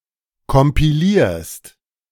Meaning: second-person singular present of kompilieren
- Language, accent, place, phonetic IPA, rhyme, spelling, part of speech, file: German, Germany, Berlin, [kɔmpiˈliːɐ̯st], -iːɐ̯st, kompilierst, verb, De-kompilierst.ogg